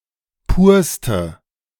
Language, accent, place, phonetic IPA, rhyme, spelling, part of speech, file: German, Germany, Berlin, [ˈpuːɐ̯stə], -uːɐ̯stə, purste, adjective, De-purste.ogg
- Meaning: inflection of pur: 1. strong/mixed nominative/accusative feminine singular superlative degree 2. strong nominative/accusative plural superlative degree